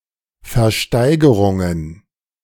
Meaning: plural of Versteigerung
- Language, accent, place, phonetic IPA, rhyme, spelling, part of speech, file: German, Germany, Berlin, [fɛɐ̯ˈʃtaɪ̯ɡəʁʊŋən], -aɪ̯ɡəʁʊŋən, Versteigerungen, noun, De-Versteigerungen.ogg